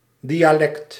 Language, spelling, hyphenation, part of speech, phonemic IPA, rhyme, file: Dutch, dialect, di‧a‧lect, noun, /ˌdijaːˈlɛkt/, -ɛkt, Nl-dialect.ogg
- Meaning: 1. dialect (language variety) 2. non-standard dialect; vernacular